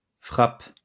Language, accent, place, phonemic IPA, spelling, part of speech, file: French, France, Lyon, /fʁap/, frappes, verb, LL-Q150 (fra)-frappes.wav
- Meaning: second-person singular present indicative/subjunctive of frapper